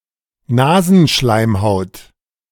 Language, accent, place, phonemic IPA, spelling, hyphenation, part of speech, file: German, Germany, Berlin, /ˈnaːzn̩ˌʃlaɪ̯mhaʊ̯t/, Nasenschleimhaut, Na‧sen‧schleim‧haut, noun, De-Nasenschleimhaut.ogg
- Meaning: nasal mucosa